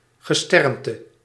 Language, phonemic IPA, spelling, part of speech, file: Dutch, /ɣəˈstɛrn.tə/, gesternte, noun, Nl-gesternte.ogg
- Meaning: 1. all stars in the night sky 2. constellation